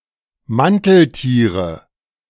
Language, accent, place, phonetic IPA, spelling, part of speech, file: German, Germany, Berlin, [ˈmantl̩ˌtiːʁə], Manteltiere, noun, De-Manteltiere.ogg
- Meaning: nominative/accusative/genitive plural of Manteltier